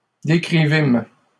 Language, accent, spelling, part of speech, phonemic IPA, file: French, Canada, décrivîmes, verb, /de.kʁi.vim/, LL-Q150 (fra)-décrivîmes.wav
- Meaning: first-person plural past historic of décrire